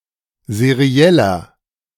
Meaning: inflection of seriell: 1. strong/mixed nominative masculine singular 2. strong genitive/dative feminine singular 3. strong genitive plural
- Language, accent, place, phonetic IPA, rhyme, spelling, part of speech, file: German, Germany, Berlin, [zeˈʁi̯ɛlɐ], -ɛlɐ, serieller, adjective, De-serieller.ogg